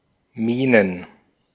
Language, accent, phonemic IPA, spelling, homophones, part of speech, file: German, Austria, /ˈmiːnən/, Mienen, Minen, noun, De-at-Mienen.ogg
- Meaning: plural of Miene